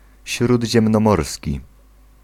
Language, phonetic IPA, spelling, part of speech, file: Polish, [ˌɕrudʲʑɛ̃mnɔ̃ˈmɔrsʲci], śródziemnomorski, adjective, Pl-śródziemnomorski.ogg